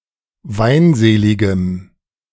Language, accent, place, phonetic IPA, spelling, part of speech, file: German, Germany, Berlin, [ˈvaɪ̯nˌzeːlɪɡəm], weinseligem, adjective, De-weinseligem.ogg
- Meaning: strong dative masculine/neuter singular of weinselig